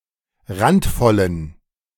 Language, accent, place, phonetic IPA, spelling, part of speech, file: German, Germany, Berlin, [ˈʁantˌfɔlən], randvollen, adjective, De-randvollen.ogg
- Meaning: inflection of randvoll: 1. strong genitive masculine/neuter singular 2. weak/mixed genitive/dative all-gender singular 3. strong/weak/mixed accusative masculine singular 4. strong dative plural